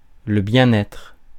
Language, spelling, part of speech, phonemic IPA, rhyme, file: French, bien-être, noun, /bjɛ̃.n‿ɛtʁ/, -ɛtʁ, Fr-bien-être.ogg
- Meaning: wellbeing